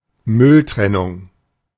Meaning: waste sorting
- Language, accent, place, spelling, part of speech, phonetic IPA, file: German, Germany, Berlin, Mülltrennung, noun, [ˈmʏlˌtʁɛnʊŋ], De-Mülltrennung.ogg